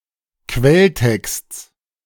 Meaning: genitive of Quelltext
- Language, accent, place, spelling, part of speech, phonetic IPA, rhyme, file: German, Germany, Berlin, Quelltexts, noun, [ˈkvɛlˌtɛkst͡s], -ɛltɛkst͡s, De-Quelltexts.ogg